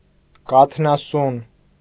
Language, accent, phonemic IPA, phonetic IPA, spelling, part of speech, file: Armenian, Eastern Armenian, /kɑtʰnɑˈsun/, [kɑtʰnɑsún], կաթնասուն, noun, Hy-կաթնասուն.ogg
- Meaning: mammal